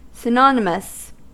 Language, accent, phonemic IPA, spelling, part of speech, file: English, US, /sɪˈnɑnɪməs/, synonymous, adjective, En-us-synonymous.ogg
- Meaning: 1. Having a similar (sometimes identical) meaning. (See Usage notes below) 2. Of, or being a synonym 3. Such that both its forms yield the same sequenced protein